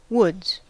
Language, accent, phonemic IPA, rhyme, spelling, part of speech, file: English, US, /wʊdz/, -ʊdz, woods, noun / verb, En-us-woods.ogg
- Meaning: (noun) 1. plural of wood 2. A dense collection of trees, usually one covering a relatively small area; usually smaller than a forest